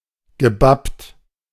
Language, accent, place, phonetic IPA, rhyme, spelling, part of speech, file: German, Germany, Berlin, [ɡəˈbapt], -apt, gebappt, verb, De-gebappt.ogg
- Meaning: past participle of bappen